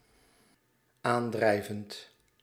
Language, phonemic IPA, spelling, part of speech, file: Dutch, /ˈandrɛivənt/, aandrijvend, verb, Nl-aandrijvend.ogg
- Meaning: present participle of aandrijven